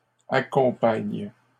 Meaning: second-person singular present indicative/subjunctive of accompagner
- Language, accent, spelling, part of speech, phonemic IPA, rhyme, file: French, Canada, accompagnes, verb, /a.kɔ̃.paɲ/, -aɲ, LL-Q150 (fra)-accompagnes.wav